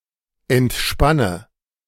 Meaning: inflection of entspannen: 1. first-person singular present 2. singular imperative 3. first/third-person singular subjunctive I
- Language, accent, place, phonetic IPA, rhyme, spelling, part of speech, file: German, Germany, Berlin, [ɛntˈʃpanə], -anə, entspanne, verb, De-entspanne.ogg